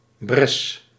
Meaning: breach, gap, opening
- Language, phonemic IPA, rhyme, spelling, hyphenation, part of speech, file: Dutch, /brɛs/, -ɛs, bres, bres, noun, Nl-bres.ogg